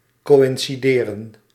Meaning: 1. to coincide, occur at the same time and place 2. to correspond, match
- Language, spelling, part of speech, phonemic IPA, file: Dutch, coïncideren, verb, /ˌkoːɪnsiˈdeːrə(n)/, Nl-coïncideren.ogg